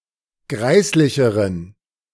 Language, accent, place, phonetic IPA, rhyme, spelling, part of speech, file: German, Germany, Berlin, [ˈɡʁaɪ̯slɪçəʁən], -aɪ̯slɪçəʁən, greislicheren, adjective, De-greislicheren.ogg
- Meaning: inflection of greislich: 1. strong genitive masculine/neuter singular comparative degree 2. weak/mixed genitive/dative all-gender singular comparative degree